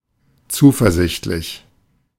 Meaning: confident
- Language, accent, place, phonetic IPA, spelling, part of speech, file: German, Germany, Berlin, [ˈt͡suːfɛɐ̯ˌzɪçtlɪç], zuversichtlich, adjective, De-zuversichtlich.ogg